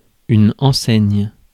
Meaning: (noun) 1. shop sign 2. any chain store that operates under a shop brand 3. suit 4. ensign; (verb) inflection of enseigner: first/third-person singular present indicative/subjunctive
- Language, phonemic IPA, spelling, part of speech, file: French, /ɑ̃.sɛɲ/, enseigne, noun / verb, Fr-enseigne.ogg